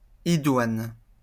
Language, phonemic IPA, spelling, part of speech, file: French, /i.dwan/, idoine, adjective, LL-Q150 (fra)-idoine.wav
- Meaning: appropriate, suitable